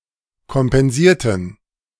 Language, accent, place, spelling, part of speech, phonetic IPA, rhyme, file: German, Germany, Berlin, kompensierten, adjective / verb, [kɔmpɛnˈziːɐ̯tn̩], -iːɐ̯tn̩, De-kompensierten.ogg
- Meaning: inflection of kompensieren: 1. first/third-person plural preterite 2. first/third-person plural subjunctive II